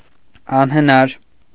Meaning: impossible
- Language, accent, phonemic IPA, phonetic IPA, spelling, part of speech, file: Armenian, Eastern Armenian, /ɑnhəˈnɑɾ/, [ɑnhənɑ́ɾ], անհնար, adjective, Hy-անհնար .ogg